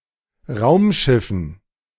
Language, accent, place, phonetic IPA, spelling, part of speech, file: German, Germany, Berlin, [ˈʁaʊ̯mˌʃɪfn̩], Raumschiffen, noun, De-Raumschiffen.ogg
- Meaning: dative plural of Raumschiff